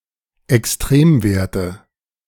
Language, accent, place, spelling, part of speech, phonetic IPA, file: German, Germany, Berlin, Extremwerte, noun, [ɛksˈtʁeːmˌveːɐ̯tə], De-Extremwerte.ogg
- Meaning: nominative/accusative/genitive plural of Extremwert